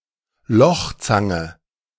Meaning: leather punch (a device, generally slender and round, used for creating holes in thin material)
- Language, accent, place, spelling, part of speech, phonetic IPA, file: German, Germany, Berlin, Lochzange, noun, [ˈlɔxˌt͡saŋə], De-Lochzange.ogg